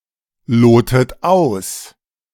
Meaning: inflection of ausloten: 1. second-person plural present 2. second-person plural subjunctive I 3. third-person singular present 4. plural imperative
- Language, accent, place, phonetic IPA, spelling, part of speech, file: German, Germany, Berlin, [ˌloːtət ˈaʊ̯s], lotet aus, verb, De-lotet aus.ogg